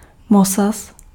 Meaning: brass (alloy)
- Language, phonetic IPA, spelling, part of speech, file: Czech, [ˈmosas], mosaz, noun, Cs-mosaz.ogg